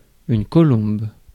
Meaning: 1. dove, white pigeon 2. joist, upright
- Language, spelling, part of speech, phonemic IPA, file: French, colombe, noun, /kɔ.lɔ̃b/, Fr-colombe.ogg